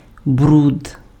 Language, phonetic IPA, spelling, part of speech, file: Ukrainian, [brud], бруд, noun, Uk-бруд.ogg
- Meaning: 1. mud 2. dirt, grime, filth